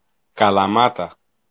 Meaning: Kalamata (a city and municipality, the capital of the regional unit of Messenia, Peloponnese, Greece)
- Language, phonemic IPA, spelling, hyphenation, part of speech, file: Greek, /kalaˈmata/, Καλαμάτα, Κα‧λα‧μά‧τα, proper noun, El-Καλαμάτα.ogg